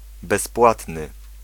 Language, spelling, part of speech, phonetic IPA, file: Polish, bezpłatny, adjective, [bɛsˈpwatnɨ], Pl-bezpłatny.ogg